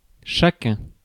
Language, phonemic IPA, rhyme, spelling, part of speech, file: French, /ʃa.kœ̃/, -œ̃, chacun, pronoun, Fr-chacun.ogg
- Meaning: 1. each, each one 2. every, everyone